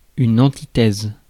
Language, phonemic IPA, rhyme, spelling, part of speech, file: French, /ɑ̃.ti.tɛz/, -ɛz, antithèse, noun, Fr-antithèse.ogg
- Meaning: 1. antithesis (figure of speech by which two contrasting ideas are juxtaposed in parallel form) 2. antithesis 3. polar opposite